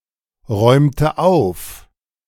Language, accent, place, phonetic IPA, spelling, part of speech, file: German, Germany, Berlin, [ˌʁɔɪ̯mtə ˈaʊ̯f], räumte auf, verb, De-räumte auf.ogg
- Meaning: inflection of aufräumen: 1. first/third-person singular preterite 2. first/third-person singular subjunctive II